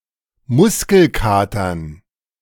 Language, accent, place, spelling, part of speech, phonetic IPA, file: German, Germany, Berlin, Muskelkatern, noun, [ˈmʊskl̩ˌkaːtɐn], De-Muskelkatern.ogg
- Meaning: dative plural of Muskelkater